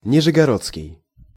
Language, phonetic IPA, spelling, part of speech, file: Russian, [nʲɪʐɨɡɐˈrot͡skʲɪj], нижегородский, adjective, Ru-нижегородский.ogg
- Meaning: Nizhny Novgorod, Nizhegorodian